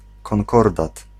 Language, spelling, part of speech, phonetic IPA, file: Polish, konkordat, noun, [kɔ̃ŋˈkɔrdat], Pl-konkordat.ogg